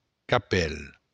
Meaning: hat
- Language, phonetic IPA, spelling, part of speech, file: Occitan, [kaˈpɛl], capèl, noun, LL-Q942602-capèl.wav